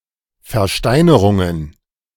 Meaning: plural of Versteinerung
- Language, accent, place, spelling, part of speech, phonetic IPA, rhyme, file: German, Germany, Berlin, Versteinerungen, noun, [fɛɐ̯ˈʃtaɪ̯nəʁʊŋən], -aɪ̯nəʁʊŋən, De-Versteinerungen.ogg